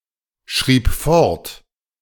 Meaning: first/third-person singular preterite of fortschreiben
- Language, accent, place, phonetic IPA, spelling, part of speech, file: German, Germany, Berlin, [ˌʃʁiːp ˈfɔʁt], schrieb fort, verb, De-schrieb fort.ogg